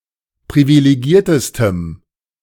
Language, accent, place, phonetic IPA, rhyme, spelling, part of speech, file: German, Germany, Berlin, [pʁivileˈɡiːɐ̯təstəm], -iːɐ̯təstəm, privilegiertestem, adjective, De-privilegiertestem.ogg
- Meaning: strong dative masculine/neuter singular superlative degree of privilegiert